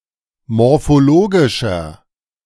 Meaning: inflection of morphologisch: 1. strong/mixed nominative masculine singular 2. strong genitive/dative feminine singular 3. strong genitive plural
- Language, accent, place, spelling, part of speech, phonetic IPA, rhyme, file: German, Germany, Berlin, morphologischer, adjective, [mɔʁfoˈloːɡɪʃɐ], -oːɡɪʃɐ, De-morphologischer.ogg